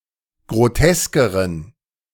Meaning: inflection of grotesk: 1. strong genitive masculine/neuter singular comparative degree 2. weak/mixed genitive/dative all-gender singular comparative degree
- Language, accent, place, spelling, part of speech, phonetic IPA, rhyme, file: German, Germany, Berlin, groteskeren, adjective, [ɡʁoˈtɛskəʁən], -ɛskəʁən, De-groteskeren.ogg